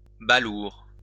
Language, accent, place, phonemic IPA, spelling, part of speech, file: French, France, Lyon, /ba.luʁ/, balourd, adjective / noun, LL-Q150 (fra)-balourd.wav
- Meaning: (adjective) 1. narrow-minded 2. awkward 3. clumsy; oafish; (noun) 1. dimwit, oaf 2. an unbalanced, rotating load (especially one that vibrates)